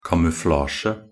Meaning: camouflage (the use of natural or artificial material on personnel, objects, or tactical positions with the aim of confusing, misleading, or evading the enemy)
- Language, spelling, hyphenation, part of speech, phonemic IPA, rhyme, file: Norwegian Bokmål, kamuflasje, ka‧mu‧fla‧sje, noun, /kamʉˈflɑːʃə/, -ɑːʃə, Nb-kamuflasje.ogg